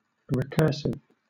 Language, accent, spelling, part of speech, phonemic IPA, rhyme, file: English, Southern England, recursive, adjective, /ɹɪˈkɜː(ɹ)sɪv/, -ɜː(ɹ)sɪv, LL-Q1860 (eng)-recursive.wav
- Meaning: 1. Drawing upon, invoking, or referring back to itself 2. Having to do with an object (typically a function or formula) which is defined in terms of the object itself